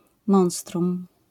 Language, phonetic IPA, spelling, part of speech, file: Polish, [ˈmɔ̃w̃strũm], monstrum, noun, LL-Q809 (pol)-monstrum.wav